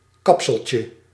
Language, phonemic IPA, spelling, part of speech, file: Dutch, /ˈkɑpsəlcə/, kapseltje, noun, Nl-kapseltje.ogg
- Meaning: diminutive of kapsel